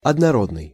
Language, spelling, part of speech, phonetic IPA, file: Russian, однородный, adjective, [ɐdnɐˈrodnɨj], Ru-однородный.ogg
- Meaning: homogeneous, uniform